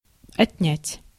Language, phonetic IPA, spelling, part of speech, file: Russian, [ɐtʲˈnʲætʲ], отнять, verb, Ru-отнять.ogg
- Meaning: 1. to take (from) 2. to subtract; to take away; to abstract 3. to deduct, to take away, to take from, to take off 4. to take away (from); to bereave (of) 5. to withdraw; to remove (hands)